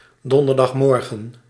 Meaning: Thursday morning
- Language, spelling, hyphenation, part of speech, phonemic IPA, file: Dutch, donderdagmorgen, don‧der‧dag‧mor‧gen, noun, /ˌdɔn.dər.dɑxˈmɔr.ɣə(n)/, Nl-donderdagmorgen.ogg